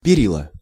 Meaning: railing(s), handrail(s), banister(s)
- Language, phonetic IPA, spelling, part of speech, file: Russian, [pʲɪˈrʲiɫə], перила, noun, Ru-перила.ogg